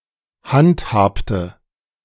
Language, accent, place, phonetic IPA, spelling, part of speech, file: German, Germany, Berlin, [ˈhantˌhaːptə], handhabte, verb, De-handhabte.ogg
- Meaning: inflection of handhaben: 1. first/third-person singular preterite 2. first/third-person singular subjunctive II